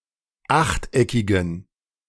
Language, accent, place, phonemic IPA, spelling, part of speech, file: German, Germany, Berlin, /ˈaxtˌʔɛkɪɡn̩/, achteckigen, adjective, De-achteckigen.ogg
- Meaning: inflection of achteckig: 1. strong genitive masculine/neuter singular 2. weak/mixed genitive/dative all-gender singular 3. strong/weak/mixed accusative masculine singular 4. strong dative plural